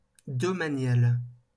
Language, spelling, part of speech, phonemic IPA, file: French, domanial, adjective, /dɔ.ma.njal/, LL-Q150 (fra)-domanial.wav
- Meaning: domanial